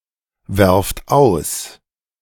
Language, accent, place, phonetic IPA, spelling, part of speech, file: German, Germany, Berlin, [ˌvɛʁft ˈaʊ̯s], werft aus, verb, De-werft aus.ogg
- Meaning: inflection of auswerfen: 1. second-person plural present 2. plural imperative